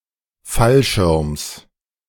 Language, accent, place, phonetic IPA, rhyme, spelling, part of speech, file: German, Germany, Berlin, [ˈfalˌʃɪʁms], -alʃɪʁms, Fallschirms, noun, De-Fallschirms.ogg
- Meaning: genitive singular of Fallschirm